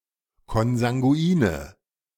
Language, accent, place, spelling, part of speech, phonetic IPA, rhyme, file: German, Germany, Berlin, konsanguine, adjective, [kɔnzaŋɡuˈiːnə], -iːnə, De-konsanguine.ogg
- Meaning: inflection of konsanguin: 1. strong/mixed nominative/accusative feminine singular 2. strong nominative/accusative plural 3. weak nominative all-gender singular